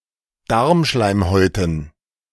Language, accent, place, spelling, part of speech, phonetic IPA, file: German, Germany, Berlin, Darmschleimhäuten, noun, [ˈdaʁmˌʃlaɪ̯mhɔɪ̯tn̩], De-Darmschleimhäuten.ogg
- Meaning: dative plural of Darmschleimhaut